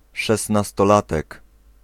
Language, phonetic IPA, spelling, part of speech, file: Polish, [ˌʃɛsnastɔˈlatɛk], szesnastolatek, noun, Pl-szesnastolatek.ogg